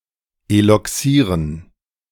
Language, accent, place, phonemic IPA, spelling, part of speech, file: German, Germany, Berlin, /elɔkˈsiːʁən/, eloxieren, verb, De-eloxieren.ogg
- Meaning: to anodize